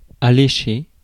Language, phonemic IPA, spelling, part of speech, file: French, /a.le.ʃe/, allécher, verb, Fr-allécher.ogg
- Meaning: to attract, appeal, allure, tempt; entice, draw in